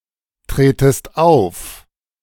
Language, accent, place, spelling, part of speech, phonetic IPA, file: German, Germany, Berlin, tretest auf, verb, [ˌtʁeːtəst ˈaʊ̯f], De-tretest auf.ogg
- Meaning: second-person singular subjunctive I of auftreten